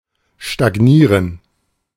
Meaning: 1. to stagnate 2. to stagnate (develop slowly, make no progress)
- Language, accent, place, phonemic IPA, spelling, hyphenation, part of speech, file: German, Germany, Berlin, /ʃtaɡˈniːrən/, stagnieren, sta‧g‧nie‧ren, verb, De-stagnieren.ogg